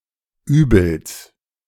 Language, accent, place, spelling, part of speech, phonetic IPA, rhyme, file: German, Germany, Berlin, Übels, noun, [ˈyːbl̩s], -yːbl̩s, De-Übels.ogg
- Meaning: genitive singular of Übel